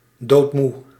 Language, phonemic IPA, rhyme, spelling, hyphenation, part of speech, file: Dutch, /doːtˈmu/, -u, doodmoe, dood‧moe, adjective, Nl-doodmoe.ogg
- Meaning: completely exhausted, extremely tired